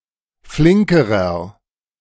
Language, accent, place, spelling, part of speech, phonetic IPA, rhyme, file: German, Germany, Berlin, flinkerer, adjective, [ˈflɪŋkəʁɐ], -ɪŋkəʁɐ, De-flinkerer.ogg
- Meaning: inflection of flink: 1. strong/mixed nominative masculine singular comparative degree 2. strong genitive/dative feminine singular comparative degree 3. strong genitive plural comparative degree